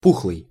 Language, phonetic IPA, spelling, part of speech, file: Russian, [ˈpuxɫɨj], пухлый, adjective, Ru-пухлый.ogg
- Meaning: 1. plump, chubby 2. swollen, puffy